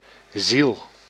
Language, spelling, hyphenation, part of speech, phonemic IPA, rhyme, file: Dutch, ziel, ziel, noun, /zil/, -il, Nl-ziel.ogg
- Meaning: 1. soul (animate principle in non-materialist anthropologies) 2. sound post